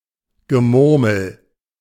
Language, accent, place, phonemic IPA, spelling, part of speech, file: German, Germany, Berlin, /ɡəˈmʊʁml̩/, Gemurmel, noun, De-Gemurmel.ogg
- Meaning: 1. murmur 2. mutter